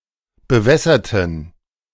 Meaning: inflection of bewässern: 1. first/third-person plural preterite 2. first/third-person plural subjunctive II
- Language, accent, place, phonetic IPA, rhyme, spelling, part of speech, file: German, Germany, Berlin, [bəˈvɛsɐtn̩], -ɛsɐtn̩, bewässerten, adjective / verb, De-bewässerten.ogg